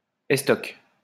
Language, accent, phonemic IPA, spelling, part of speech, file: French, France, /ɛs.tɔk/, estoc, noun, LL-Q150 (fra)-estoc.wav
- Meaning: 1. trunk or stump of a tree 2. stock, heritage 3. a kind of sword, rapier